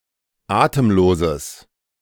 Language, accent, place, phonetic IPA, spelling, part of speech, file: German, Germany, Berlin, [ˈaːtəmˌloːzəs], atemloses, adjective, De-atemloses.ogg
- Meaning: strong/mixed nominative/accusative neuter singular of atemlos